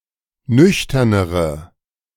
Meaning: inflection of nüchtern: 1. strong/mixed nominative/accusative feminine singular comparative degree 2. strong nominative/accusative plural comparative degree
- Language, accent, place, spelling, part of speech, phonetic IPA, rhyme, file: German, Germany, Berlin, nüchternere, adjective, [ˈnʏçtɐnəʁə], -ʏçtɐnəʁə, De-nüchternere.ogg